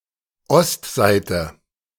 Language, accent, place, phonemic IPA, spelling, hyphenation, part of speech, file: German, Germany, Berlin, /ˈɔstˌzaɪ̯tə/, Ostseite, Ost‧seite, noun, De-Ostseite.ogg
- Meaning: east side